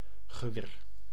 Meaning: 1. rifle 2. gun, in particular a long-barrelled one 3. weapon, arm 4. blade weapon 5. weaponry, arms
- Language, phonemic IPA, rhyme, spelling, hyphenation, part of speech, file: Dutch, /ɣəˈʋeːr/, -eːr, geweer, ge‧weer, noun, Nl-geweer.ogg